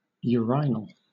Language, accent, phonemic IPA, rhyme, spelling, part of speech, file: English, Southern England, /jʊəˈraɪnəl/, -aɪnəl, urinal, noun / adjective, LL-Q1860 (eng)-urinal.wav
- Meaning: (noun) 1. A device or fixture used for urination, particularly 2. A device or fixture used for urination: A glass vial used for examining or storing urine